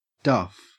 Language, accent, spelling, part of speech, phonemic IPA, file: English, Australia, duff, noun / adjective / verb, /dɐf/, En-au-duff.ogg
- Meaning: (noun) 1. Dough 2. A stiff flour pudding, often with dried fruit, boiled in a cloth bag, or steamed 3. A pudding-style dessert, especially one made with plums or (in the Bahamas) guavas